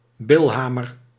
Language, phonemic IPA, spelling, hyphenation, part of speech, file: Dutch, /ˈbɪlˌɦaː.mər/, bilhamer, bil‧ha‧mer, noun, Nl-bilhamer.ogg
- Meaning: a small pick for dressing (applying grooves to) millstones